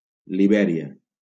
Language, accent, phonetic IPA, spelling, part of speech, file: Catalan, Valencia, [liˈbɛ.ɾi.a], Libèria, proper noun, LL-Q7026 (cat)-Libèria.wav
- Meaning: Liberia (a country in West Africa, on the Atlantic Ocean, with Monrovia as its capital)